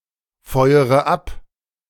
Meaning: inflection of abfeuern: 1. first-person singular present 2. first/third-person singular subjunctive I 3. singular imperative
- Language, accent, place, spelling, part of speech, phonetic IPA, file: German, Germany, Berlin, feuere ab, verb, [ˌfɔɪ̯əʁə ˈap], De-feuere ab.ogg